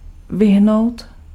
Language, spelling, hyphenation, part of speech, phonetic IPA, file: Czech, vyhnout, vy‧hnout, verb, [ˈvɪɦnou̯t], Cs-vyhnout.ogg
- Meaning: to avoid